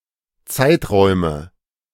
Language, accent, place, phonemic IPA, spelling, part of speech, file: German, Germany, Berlin, /ˈtsaɪ̯tˌʁɔɪ̯mə/, Zeiträume, noun, De-Zeiträume.ogg
- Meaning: nominative/accusative/genitive plural of Zeitraum